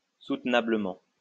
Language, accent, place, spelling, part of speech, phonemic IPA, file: French, France, Lyon, soutenablement, adverb, /sut.na.blə.mɑ̃/, LL-Q150 (fra)-soutenablement.wav
- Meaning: 1. bearably 2. tenably